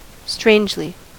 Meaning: 1. In a strange or coincidental manner 2. Surprisingly, wonderfully
- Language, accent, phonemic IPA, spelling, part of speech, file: English, US, /ˈstɹeɪnd͡ʒli/, strangely, adverb, En-us-strangely.ogg